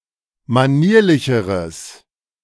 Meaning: strong/mixed nominative/accusative neuter singular comparative degree of manierlich
- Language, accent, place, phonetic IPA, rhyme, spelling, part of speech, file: German, Germany, Berlin, [maˈniːɐ̯lɪçəʁəs], -iːɐ̯lɪçəʁəs, manierlicheres, adjective, De-manierlicheres.ogg